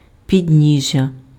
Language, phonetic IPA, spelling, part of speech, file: Ukrainian, [pʲidʲˈnʲiʒʲːɐ], підніжжя, noun, Uk-підніжжя.ogg
- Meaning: 1. foot, lower part 2. pedestal 3. stand (support for an object) 4. footboard